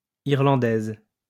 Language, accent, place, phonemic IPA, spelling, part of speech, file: French, France, Lyon, /iʁ.lɑ̃.dɛz/, Irlandaise, noun, LL-Q150 (fra)-Irlandaise.wav
- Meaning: female equivalent of Irlandais